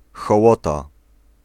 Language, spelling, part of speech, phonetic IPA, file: Polish, hołota, noun, [xɔˈwɔta], Pl-hołota.ogg